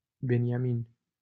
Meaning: a male given name, equivalent to English Benjamin
- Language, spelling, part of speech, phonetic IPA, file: Romanian, Beniamin, proper noun, [ˈbe.nja.min], LL-Q7913 (ron)-Beniamin.wav